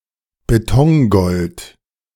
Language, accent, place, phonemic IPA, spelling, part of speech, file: German, Germany, Berlin, /beˈtɔŋɡɔlt/, Betongold, noun, De-Betongold.ogg
- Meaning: real estate (seen as an asset)